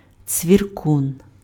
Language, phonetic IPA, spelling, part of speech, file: Ukrainian, [t͡sʲʋʲirˈkun], цвіркун, noun, Uk-цвіркун.ogg
- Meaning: cricket (insect)